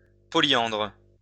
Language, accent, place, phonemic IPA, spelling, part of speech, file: French, France, Lyon, /pɔ.ljɑ̃dʁ/, polyandre, adjective, LL-Q150 (fra)-polyandre.wav
- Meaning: polyandrous